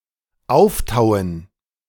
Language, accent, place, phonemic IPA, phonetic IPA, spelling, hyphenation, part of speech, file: German, Germany, Berlin, /ˈaʊ̯fˌtaʊ̯ən/, [ˈʔaʊ̯fˌtaʊ̯ən], auftauen, auf‧tau‧en, verb, De-auftauen.ogg
- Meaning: to thaw